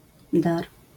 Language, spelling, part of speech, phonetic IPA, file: Polish, dar, noun, [dar], LL-Q809 (pol)-dar.wav